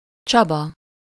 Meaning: a male given name
- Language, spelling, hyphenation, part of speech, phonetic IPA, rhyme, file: Hungarian, Csaba, Csa‧ba, proper noun, [ˈt͡ʃɒbɒ], -bɒ, Hu-Csaba.ogg